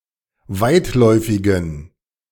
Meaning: inflection of weitläufig: 1. strong genitive masculine/neuter singular 2. weak/mixed genitive/dative all-gender singular 3. strong/weak/mixed accusative masculine singular 4. strong dative plural
- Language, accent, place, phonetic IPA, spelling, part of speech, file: German, Germany, Berlin, [ˈvaɪ̯tˌlɔɪ̯fɪɡn̩], weitläufigen, adjective, De-weitläufigen.ogg